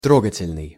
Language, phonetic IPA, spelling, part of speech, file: Russian, [ˈtroɡətʲɪlʲnɨj], трогательный, adjective, Ru-трогательный.ogg
- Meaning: touching, moving (emotionally)